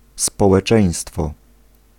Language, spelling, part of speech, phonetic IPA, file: Polish, społeczeństwo, noun, [ˌspɔwɛˈt͡ʃɛ̃j̃stfɔ], Pl-społeczeństwo.ogg